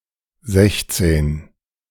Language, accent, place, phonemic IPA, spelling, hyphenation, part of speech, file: German, Germany, Berlin, /ˈzɛçt͡sɛn/, sechzehn, sech‧zehn, numeral, De-sechzehn2.ogg
- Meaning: sixteen